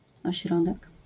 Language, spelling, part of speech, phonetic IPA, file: Polish, ośrodek, noun, [ɔˈɕrɔdɛk], LL-Q809 (pol)-ośrodek.wav